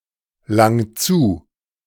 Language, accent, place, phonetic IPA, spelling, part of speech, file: German, Germany, Berlin, [ˌlaŋ ˈt͡suː], lang zu, verb, De-lang zu.ogg
- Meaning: 1. singular imperative of zulangen 2. first-person singular present of zulangen